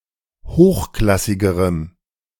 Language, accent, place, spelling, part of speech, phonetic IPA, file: German, Germany, Berlin, hochklassigerem, adjective, [ˈhoːxˌklasɪɡəʁəm], De-hochklassigerem.ogg
- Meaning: strong dative masculine/neuter singular comparative degree of hochklassig